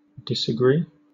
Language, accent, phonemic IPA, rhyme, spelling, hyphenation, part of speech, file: English, Southern England, /dɪsəˈɡɹiː/, -iː, disagree, dis‧a‧gree, verb, LL-Q1860 (eng)-disagree.wav
- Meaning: 1. To fail to agree; to have a different opinion or belief 2. To fail to conform or correspond with